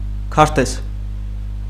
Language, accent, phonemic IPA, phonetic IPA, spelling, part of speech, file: Armenian, Eastern Armenian, /kʰɑɾˈtez/, [kʰɑɾtéz], քարտեզ, noun, Hy-քարտեզ.ogg
- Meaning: map